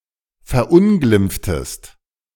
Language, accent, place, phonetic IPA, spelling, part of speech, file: German, Germany, Berlin, [fɛɐ̯ˈʔʊnɡlɪmp͡ftəst], verunglimpftest, verb, De-verunglimpftest.ogg
- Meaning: inflection of verunglimpfen: 1. second-person singular preterite 2. second-person singular subjunctive II